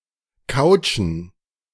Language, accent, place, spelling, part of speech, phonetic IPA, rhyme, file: German, Germany, Berlin, Couchen, noun, [ˈkaʊ̯t͡ʃn̩], -aʊ̯t͡ʃn̩, De-Couchen.ogg
- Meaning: plural of Couch